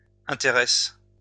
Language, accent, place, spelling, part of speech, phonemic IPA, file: French, France, Lyon, intéresse, verb, /ɛ̃.te.ʁɛs/, LL-Q150 (fra)-intéresse.wav
- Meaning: inflection of intéresser: 1. first/third-person singular present indicative/subjunctive 2. second-person singular imperative